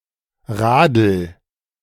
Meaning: bike
- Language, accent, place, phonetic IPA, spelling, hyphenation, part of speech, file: German, Germany, Berlin, [ˈʁaːdl̩], Radl, Radl, noun, De-Radl.ogg